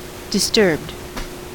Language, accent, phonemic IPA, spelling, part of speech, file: English, US, /dɪsˈtɝbd/, disturbed, adjective / verb, En-us-disturbed.ogg
- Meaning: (adjective) 1. Showing symptoms of mental illness, severe psychosis, or neurosis 2. Extremely alarmed; shocked 3. Having been altered or changed; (verb) simple past and past participle of disturb